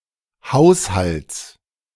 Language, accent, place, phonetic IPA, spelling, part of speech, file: German, Germany, Berlin, [ˈhaʊ̯shalt͡s], Haushalts, noun, De-Haushalts.ogg
- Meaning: genitive singular of Haushalt